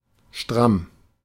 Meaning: 1. tight; taut (tightly fastened) 2. upright (standing tall, as of a soldier) 3. upright; stalwart; staunch; strict; rigorous 4. stalwart; burly; muscular 5. drunk
- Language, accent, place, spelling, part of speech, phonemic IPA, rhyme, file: German, Germany, Berlin, stramm, adjective, /ʃtʁam/, -am, De-stramm.ogg